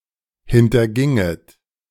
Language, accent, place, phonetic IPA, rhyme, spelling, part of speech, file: German, Germany, Berlin, [hɪntɐˈɡɪŋət], -ɪŋət, hinterginget, verb, De-hinterginget.ogg
- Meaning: second-person plural subjunctive II of hintergehen